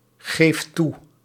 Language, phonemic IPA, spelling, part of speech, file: Dutch, /ˈɣeft ˈtu/, geeft toe, verb, Nl-geeft toe.ogg
- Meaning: inflection of toegeven: 1. second/third-person singular present indicative 2. plural imperative